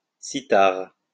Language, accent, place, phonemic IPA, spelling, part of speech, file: French, France, Lyon, /si.taʁ/, cithare, noun, LL-Q150 (fra)-cithare.wav
- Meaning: zither (musical instrument)